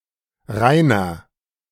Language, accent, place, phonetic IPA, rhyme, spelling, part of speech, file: German, Germany, Berlin, [ˈʁaɪ̯nɐ], -aɪ̯nɐ, Rainer, proper noun, De-Rainer.ogg
- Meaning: 1. a male given name from Old High German 2. a surname originating as a patronymic